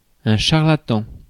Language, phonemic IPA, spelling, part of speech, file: French, /ʃaʁ.la.tɑ̃/, charlatan, noun, Fr-charlatan.ogg
- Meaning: 1. a streetseller of medicines 2. a charlatan (trickster) 3. a quack